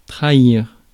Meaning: 1. to betray 2. to give away, to reveal
- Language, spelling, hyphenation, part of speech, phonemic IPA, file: French, trahir, tra‧hir, verb, /tʁa.iʁ/, Fr-trahir.ogg